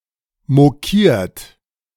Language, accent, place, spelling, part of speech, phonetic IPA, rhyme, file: German, Germany, Berlin, mokiert, verb, [moˈkiːɐ̯t], -iːɐ̯t, De-mokiert.ogg
- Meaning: 1. past participle of mokieren 2. inflection of mokieren: third-person singular present 3. inflection of mokieren: second-person plural present 4. inflection of mokieren: plural imperative